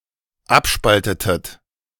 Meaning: inflection of abspalten: 1. second-person plural dependent preterite 2. second-person plural dependent subjunctive II
- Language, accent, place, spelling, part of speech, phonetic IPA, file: German, Germany, Berlin, abspaltetet, verb, [ˈapˌʃpaltətət], De-abspaltetet.ogg